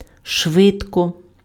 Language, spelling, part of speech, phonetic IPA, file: Ukrainian, швидко, adverb, [ˈʃʋɪdkɔ], Uk-швидко.ogg
- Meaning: fast, quickly